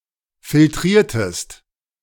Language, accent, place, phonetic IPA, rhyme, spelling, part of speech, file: German, Germany, Berlin, [fɪlˈtʁiːɐ̯təst], -iːɐ̯təst, filtriertest, verb, De-filtriertest.ogg
- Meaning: inflection of filtrieren: 1. second-person singular preterite 2. second-person singular subjunctive II